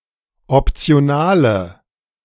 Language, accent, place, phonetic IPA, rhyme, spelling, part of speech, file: German, Germany, Berlin, [ɔpt͡si̯oˈnaːlə], -aːlə, optionale, adjective, De-optionale.ogg
- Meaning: inflection of optional: 1. strong/mixed nominative/accusative feminine singular 2. strong nominative/accusative plural 3. weak nominative all-gender singular